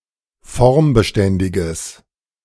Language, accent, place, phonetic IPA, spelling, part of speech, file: German, Germany, Berlin, [ˈfɔʁmbəˌʃtɛndɪɡəs], formbeständiges, adjective, De-formbeständiges.ogg
- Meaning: strong/mixed nominative/accusative neuter singular of formbeständig